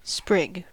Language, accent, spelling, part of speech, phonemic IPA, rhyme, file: English, US, sprig, noun / verb, /spɹɪɡ/, -ɪɡ, En-us-sprig.ogg
- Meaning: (noun) 1. A small shoot or twig of a tree or other plant; a spray 2. An ornament resembling a small shoot or twig 3. One of the separate pieces of lace fastened on a ground in applique lace